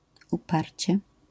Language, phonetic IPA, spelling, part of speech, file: Polish, [uˈparʲt͡ɕɛ], uparcie, adverb, LL-Q809 (pol)-uparcie.wav